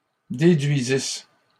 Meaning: first-person singular imperfect subjunctive of déduire
- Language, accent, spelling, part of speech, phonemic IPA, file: French, Canada, déduisisse, verb, /de.dɥi.zis/, LL-Q150 (fra)-déduisisse.wav